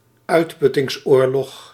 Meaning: war of attrition
- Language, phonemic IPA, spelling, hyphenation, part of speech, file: Dutch, /ˈœy̯t.pʏ.tɪŋsˌoːr.lɔx/, uitputtingsoorlog, uit‧put‧tings‧oor‧log, noun, Nl-uitputtingsoorlog.ogg